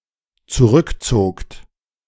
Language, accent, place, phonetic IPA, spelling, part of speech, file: German, Germany, Berlin, [t͡suˈʁʏkˌt͡soːkt], zurückzogt, verb, De-zurückzogt.ogg
- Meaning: second-person plural dependent preterite of zurückziehen